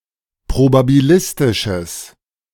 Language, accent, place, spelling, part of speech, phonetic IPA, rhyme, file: German, Germany, Berlin, probabilistisches, adjective, [pʁobabiˈlɪstɪʃəs], -ɪstɪʃəs, De-probabilistisches.ogg
- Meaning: strong/mixed nominative/accusative neuter singular of probabilistisch